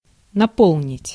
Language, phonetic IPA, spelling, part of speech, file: Russian, [nɐˈpoɫnʲɪtʲ], наполнить, verb, Ru-наполнить.ogg
- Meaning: 1. to fill, to fill up 2. to blow out